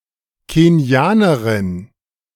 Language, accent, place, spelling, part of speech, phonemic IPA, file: German, Germany, Berlin, Kenianerin, noun, /keni̯ˈaːnɐʁɪn/, De-Kenianerin.ogg
- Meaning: Kenyan (female person from Kenya or of Kenyan descent)